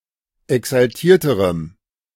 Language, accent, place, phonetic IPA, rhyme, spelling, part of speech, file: German, Germany, Berlin, [ɛksalˈtiːɐ̯təʁəm], -iːɐ̯təʁəm, exaltierterem, adjective, De-exaltierterem.ogg
- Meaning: strong dative masculine/neuter singular comparative degree of exaltiert